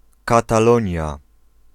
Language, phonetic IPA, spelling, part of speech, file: Polish, [ˌkataˈlɔ̃ɲja], Katalonia, proper noun, Pl-Katalonia.ogg